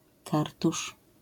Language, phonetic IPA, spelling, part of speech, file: Polish, [ˈkartuʃ], kartusz, noun, LL-Q809 (pol)-kartusz.wav